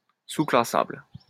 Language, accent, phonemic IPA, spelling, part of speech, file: French, France, /su.kla.sabl/, sous-classable, adjective, LL-Q150 (fra)-sous-classable.wav
- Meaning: subclassable